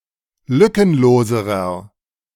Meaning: inflection of lückenlos: 1. strong/mixed nominative masculine singular comparative degree 2. strong genitive/dative feminine singular comparative degree 3. strong genitive plural comparative degree
- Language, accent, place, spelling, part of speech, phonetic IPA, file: German, Germany, Berlin, lückenloserer, adjective, [ˈlʏkənˌloːzəʁɐ], De-lückenloserer.ogg